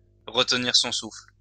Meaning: to hold one's breath
- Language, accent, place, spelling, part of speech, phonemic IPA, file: French, France, Lyon, retenir son souffle, verb, /ʁə.t(ə).niʁ sɔ̃ sufl/, LL-Q150 (fra)-retenir son souffle.wav